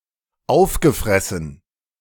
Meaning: past participle of auffressen
- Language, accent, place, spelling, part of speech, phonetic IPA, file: German, Germany, Berlin, aufgefressen, verb, [ˈaʊ̯fɡəˌfʁɛsn̩], De-aufgefressen.ogg